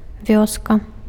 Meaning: village
- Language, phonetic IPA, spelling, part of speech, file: Belarusian, [ˈvʲoska], вёска, noun, Be-вёска.ogg